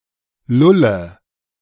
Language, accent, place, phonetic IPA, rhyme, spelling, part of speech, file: German, Germany, Berlin, [ˈlʊlə], -ʊlə, lulle, verb, De-lulle.ogg
- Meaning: inflection of lullen: 1. first-person singular present 2. singular imperative 3. first/third-person singular subjunctive I